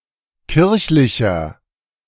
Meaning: 1. comparative degree of kirchlich 2. inflection of kirchlich: strong/mixed nominative masculine singular 3. inflection of kirchlich: strong genitive/dative feminine singular
- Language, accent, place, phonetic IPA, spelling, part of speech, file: German, Germany, Berlin, [ˈkɪʁçlɪçɐ], kirchlicher, adjective, De-kirchlicher.ogg